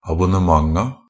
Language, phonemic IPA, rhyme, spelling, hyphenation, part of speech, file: Norwegian Bokmål, /abʊnəˈmaŋa/, -aŋa, abonnementa, ab‧on‧ne‧ment‧a, noun, NB - Pronunciation of Norwegian Bokmål «abonnementa».ogg
- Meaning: definite plural of abonnement